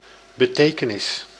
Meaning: 1. meaning 2. significance, importance
- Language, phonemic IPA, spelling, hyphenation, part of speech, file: Dutch, /bəˈteː.kə.nɪs/, betekenis, be‧te‧ke‧nis, noun, Nl-betekenis.ogg